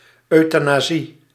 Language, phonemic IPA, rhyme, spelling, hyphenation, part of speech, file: Dutch, /ˌœy̯.taː.naːˈzi/, -i, euthanasie, eu‧tha‧na‧sie, noun, Nl-euthanasie.ogg
- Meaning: 1. euthanasia (medically assisted killing) 2. any gentle or good death